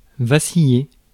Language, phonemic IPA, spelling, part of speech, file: French, /va.si.je/, vaciller, verb, Fr-vaciller.ogg
- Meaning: 1. to vacillate 2. to flicker out (as a candle)